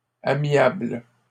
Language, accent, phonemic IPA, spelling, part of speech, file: French, Canada, /a.mjabl/, amiable, adjective, LL-Q150 (fra)-amiable.wav
- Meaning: amiable